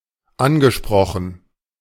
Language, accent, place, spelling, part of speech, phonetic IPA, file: German, Germany, Berlin, angesprochen, verb, [ˈanɡəˌʃpʁɔxn̩], De-angesprochen.ogg
- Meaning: past participle of ansprechen